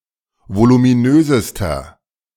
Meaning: inflection of voluminös: 1. strong/mixed nominative masculine singular superlative degree 2. strong genitive/dative feminine singular superlative degree 3. strong genitive plural superlative degree
- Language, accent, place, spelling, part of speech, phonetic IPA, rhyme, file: German, Germany, Berlin, voluminösester, adjective, [volumiˈnøːzəstɐ], -øːzəstɐ, De-voluminösester.ogg